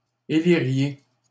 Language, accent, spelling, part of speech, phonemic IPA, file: French, Canada, éliriez, verb, /e.li.ʁje/, LL-Q150 (fra)-éliriez.wav
- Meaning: second-person plural conditional of élire